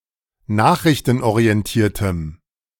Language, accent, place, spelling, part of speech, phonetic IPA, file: German, Germany, Berlin, nachrichtenorientiertem, adjective, [ˈnaːxʁɪçtn̩ʔoʁiɛnˌtiːɐ̯təm], De-nachrichtenorientiertem.ogg
- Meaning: strong dative masculine/neuter singular of nachrichtenorientiert